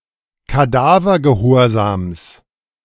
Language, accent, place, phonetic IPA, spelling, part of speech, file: German, Germany, Berlin, [kaˈdaːvɐɡəˌhoːɐ̯zaːms], Kadavergehorsams, noun, De-Kadavergehorsams.ogg
- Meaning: genitive singular of Kadavergehorsam